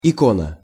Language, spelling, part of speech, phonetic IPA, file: Russian, икона, noun, [ɪˈkonə], Ru-икона.ogg
- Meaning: icon